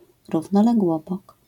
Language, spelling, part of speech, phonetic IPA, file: Polish, równoległobok, noun, [ˌruvnɔlɛɡˈwɔbɔk], LL-Q809 (pol)-równoległobok.wav